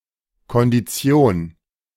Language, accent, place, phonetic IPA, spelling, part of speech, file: German, Germany, Berlin, [kɔndiˈt͡si̯oːn], Kondition, noun, De-Kondition.ogg
- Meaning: condition